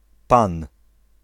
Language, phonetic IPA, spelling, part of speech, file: Polish, [pãn], Pan, proper noun, Pl-Pan.ogg